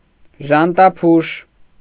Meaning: 1. Paliurus 2. Christ's thorn, Jerusalem thorn, Paliurus spina-christi
- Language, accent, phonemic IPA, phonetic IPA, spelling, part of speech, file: Armenian, Eastern Armenian, /ʒɑntɑˈpʰuʃ/, [ʒɑntɑpʰúʃ], ժանտափուշ, noun, Hy-ժանտափուշ.ogg